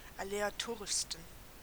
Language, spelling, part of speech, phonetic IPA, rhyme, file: German, aleatorischsten, adjective, [aleaˈtoːʁɪʃstn̩], -oːʁɪʃstn̩, De-aleatorischsten.ogg
- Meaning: 1. superlative degree of aleatorisch 2. inflection of aleatorisch: strong genitive masculine/neuter singular superlative degree